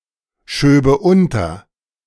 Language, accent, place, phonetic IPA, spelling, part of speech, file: German, Germany, Berlin, [ˌʃøːbə ˈʊntɐ], schöbe unter, verb, De-schöbe unter.ogg
- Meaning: first/third-person singular subjunctive II of unterschieben